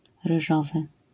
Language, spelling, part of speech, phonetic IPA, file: Polish, ryżowy, adjective, [rɨˈʒɔvɨ], LL-Q809 (pol)-ryżowy.wav